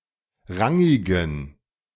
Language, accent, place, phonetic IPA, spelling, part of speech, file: German, Germany, Berlin, [ˈʁaŋɪɡn̩], rangigen, adjective, De-rangigen.ogg
- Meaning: inflection of rangig: 1. strong genitive masculine/neuter singular 2. weak/mixed genitive/dative all-gender singular 3. strong/weak/mixed accusative masculine singular 4. strong dative plural